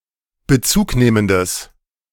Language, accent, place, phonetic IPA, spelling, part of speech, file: German, Germany, Berlin, [bəˈt͡suːkˌneːməndəs], bezugnehmendes, adjective, De-bezugnehmendes.ogg
- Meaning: strong/mixed nominative/accusative neuter singular of bezugnehmend